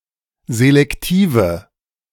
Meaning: inflection of selektiv: 1. strong/mixed nominative/accusative feminine singular 2. strong nominative/accusative plural 3. weak nominative all-gender singular
- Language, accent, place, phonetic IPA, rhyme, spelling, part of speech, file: German, Germany, Berlin, [zelɛkˈtiːvə], -iːvə, selektive, adjective, De-selektive.ogg